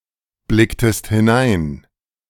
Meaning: inflection of hineinblicken: 1. second-person singular preterite 2. second-person singular subjunctive II
- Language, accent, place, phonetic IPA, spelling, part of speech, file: German, Germany, Berlin, [ˌblɪktəst hɪˈnaɪ̯n], blicktest hinein, verb, De-blicktest hinein.ogg